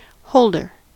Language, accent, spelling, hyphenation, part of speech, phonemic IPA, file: English, US, holder, hold‧er, noun, /ˈhoʊɫdɚ/, En-us-holder.ogg
- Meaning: 1. A thing that holds 2. A person who temporarily or permanently possesses something 3. One who is employed in the hold of a vessel 4. The defending champion